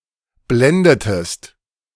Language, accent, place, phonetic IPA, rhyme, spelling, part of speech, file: German, Germany, Berlin, [ˈblɛndətəst], -ɛndətəst, blendetest, verb, De-blendetest.ogg
- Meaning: inflection of blenden: 1. second-person singular preterite 2. second-person singular subjunctive II